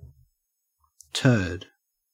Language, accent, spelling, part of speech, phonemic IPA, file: English, Australia, turd, noun / verb, /tɜːd/, En-au-turd.ogg
- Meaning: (noun) 1. A piece of solid feces 2. A worthless person or thing; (verb) To defecate